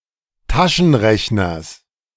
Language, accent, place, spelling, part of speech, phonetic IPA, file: German, Germany, Berlin, Taschenrechners, noun, [ˈtaʃn̩ˌʁɛçnɐs], De-Taschenrechners.ogg
- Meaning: genitive singular of Taschenrechner